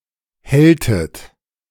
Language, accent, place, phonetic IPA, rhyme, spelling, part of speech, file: German, Germany, Berlin, [ˈhɛltət], -ɛltət, helltet, verb, De-helltet.ogg
- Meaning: inflection of hellen: 1. second-person plural preterite 2. second-person plural subjunctive II